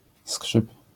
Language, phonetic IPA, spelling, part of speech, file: Polish, [skʃɨp], skrzyp, noun / interjection / verb, LL-Q809 (pol)-skrzyp.wav